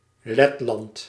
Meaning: Latvia (a country in northeastern Europe)
- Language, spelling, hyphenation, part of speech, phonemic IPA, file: Dutch, Letland, Let‧land, proper noun, /ˈlɛtˌlɑnt/, Nl-Letland.ogg